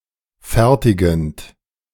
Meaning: present participle of fertigen
- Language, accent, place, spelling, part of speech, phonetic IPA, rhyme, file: German, Germany, Berlin, fertigend, verb, [ˈfɛʁtɪɡn̩t], -ɛʁtɪɡn̩t, De-fertigend.ogg